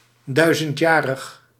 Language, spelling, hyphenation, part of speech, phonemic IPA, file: Dutch, duizendjarig, dui‧zend‧ja‧rig, adjective, /ˈdœy̯.zəntˌjaː.rəx/, Nl-duizendjarig.ogg
- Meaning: one-thousand-year